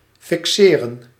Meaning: to fix, affix
- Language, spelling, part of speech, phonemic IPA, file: Dutch, fixeren, verb, /fɪkˈseːrə(n)/, Nl-fixeren.ogg